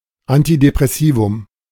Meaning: antidepressant
- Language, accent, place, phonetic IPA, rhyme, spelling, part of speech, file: German, Germany, Berlin, [antidepʁɛˈsiːvʊm], -iːvʊm, Antidepressivum, noun, De-Antidepressivum.ogg